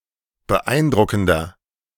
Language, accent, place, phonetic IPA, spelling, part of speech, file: German, Germany, Berlin, [bəˈʔaɪ̯nˌdʁʊkn̩dɐ], beeindruckender, adjective, De-beeindruckender.ogg
- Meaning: 1. comparative degree of beeindruckend 2. inflection of beeindruckend: strong/mixed nominative masculine singular 3. inflection of beeindruckend: strong genitive/dative feminine singular